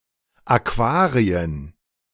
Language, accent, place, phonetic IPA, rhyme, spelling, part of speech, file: German, Germany, Berlin, [aˈkvaːʁiən], -aːʁiən, Aquarien, noun, De-Aquarien.ogg
- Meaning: 1. plural of Aquarium 2. aquariums